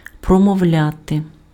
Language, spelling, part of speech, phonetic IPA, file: Ukrainian, промовляти, verb, [prɔmɔu̯ˈlʲate], Uk-промовляти.ogg
- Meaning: to utter, to say